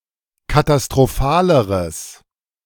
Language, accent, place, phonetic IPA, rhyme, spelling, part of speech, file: German, Germany, Berlin, [katastʁoˈfaːləʁəs], -aːləʁəs, katastrophaleres, adjective, De-katastrophaleres.ogg
- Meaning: strong/mixed nominative/accusative neuter singular comparative degree of katastrophal